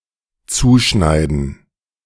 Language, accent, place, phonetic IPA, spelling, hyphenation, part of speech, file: German, Germany, Berlin, [ˈt͡suːˌʃnaɪ̯dn̩], zuschneiden, zu‧schnei‧den, verb, De-zuschneiden.ogg
- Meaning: 1. to tailor, to cut (dress, suit) 2. to tailor, to adjust, to customize